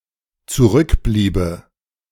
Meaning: first/third-person singular dependent subjunctive II of zurückbleiben
- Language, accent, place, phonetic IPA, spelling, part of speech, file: German, Germany, Berlin, [t͡suˈʁʏkˌbliːbə], zurückbliebe, verb, De-zurückbliebe.ogg